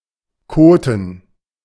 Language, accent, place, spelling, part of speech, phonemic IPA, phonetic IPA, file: German, Germany, Berlin, koten, verb, /ˈkoːtən/, [ˈkʰoː.tn̩], De-koten.ogg
- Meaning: to defecate